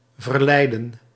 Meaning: 1. to expire, to end 2. to declare binding
- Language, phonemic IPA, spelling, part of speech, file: Dutch, /vərˈlɛi̯.də(n)/, verlijden, verb, Nl-verlijden.ogg